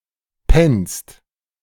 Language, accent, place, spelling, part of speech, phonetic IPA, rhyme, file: German, Germany, Berlin, pennst, verb, [pɛnst], -ɛnst, De-pennst.ogg
- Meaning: second-person singular present of pennen